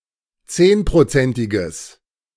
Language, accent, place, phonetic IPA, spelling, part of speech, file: German, Germany, Berlin, [ˈt͡seːnpʁoˌt͡sɛntɪɡəs], zehnprozentiges, adjective, De-zehnprozentiges.ogg
- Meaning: strong/mixed nominative/accusative neuter singular of zehnprozentig